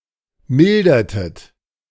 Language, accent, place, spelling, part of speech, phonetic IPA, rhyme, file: German, Germany, Berlin, mildertet, verb, [ˈmɪldɐtət], -ɪldɐtət, De-mildertet.ogg
- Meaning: inflection of mildern: 1. second-person plural preterite 2. second-person plural subjunctive II